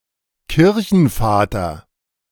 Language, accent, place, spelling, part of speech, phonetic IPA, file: German, Germany, Berlin, Kirchenvater, noun, [ˈkɪʁçn̩ˌfaːtɐ], De-Kirchenvater.ogg
- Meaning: Church Father (authoritative Christian author)